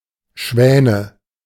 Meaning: nominative/accusative/genitive plural of Schwan "swans"
- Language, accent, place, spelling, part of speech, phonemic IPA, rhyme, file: German, Germany, Berlin, Schwäne, noun, /ˈʃvɛːnə/, -ɛːnə, De-Schwäne.ogg